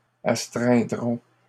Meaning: third-person plural simple future of astreindre
- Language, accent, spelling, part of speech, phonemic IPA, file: French, Canada, astreindront, verb, /as.tʁɛ̃.dʁɔ̃/, LL-Q150 (fra)-astreindront.wav